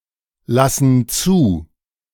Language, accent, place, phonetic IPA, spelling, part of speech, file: German, Germany, Berlin, [ˌlasn̩ ˈt͡suː], lassen zu, verb, De-lassen zu.ogg
- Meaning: inflection of zulassen: 1. first/third-person plural present 2. first/third-person plural subjunctive I